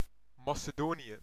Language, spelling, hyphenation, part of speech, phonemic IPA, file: Dutch, Macedonië, Ma‧ce‧do‧nië, proper noun, /mɑ.səˈdoː.ni.ə/, Nl-Macedonië.ogg
- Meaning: Macedonia (a geographic region in Southeastern Europe in the Balkans, including North Macedonia and parts of Greece, Bulgaria, Albania and Serbia)